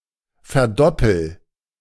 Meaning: inflection of verdoppeln: 1. first-person singular present 2. singular imperative
- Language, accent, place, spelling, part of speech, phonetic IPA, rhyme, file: German, Germany, Berlin, verdoppel, verb, [fɛɐ̯ˈdɔpl̩], -ɔpl̩, De-verdoppel.ogg